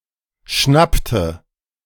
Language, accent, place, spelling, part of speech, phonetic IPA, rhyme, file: German, Germany, Berlin, schnappte, verb, [ˈʃnaptə], -aptə, De-schnappte.ogg
- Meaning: inflection of schnappen: 1. first/third-person singular preterite 2. first/third-person singular subjunctive II